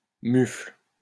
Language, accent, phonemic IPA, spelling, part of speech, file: French, France, /myfl/, mufle, noun / adjective, LL-Q150 (fra)-mufle.wav
- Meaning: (noun) 1. muzzle 2. boor (person); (adjective) boorish